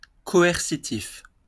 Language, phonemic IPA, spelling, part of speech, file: French, /kɔ.ɛʁ.si.tif/, coercitif, adjective, LL-Q150 (fra)-coercitif.wav
- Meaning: coercive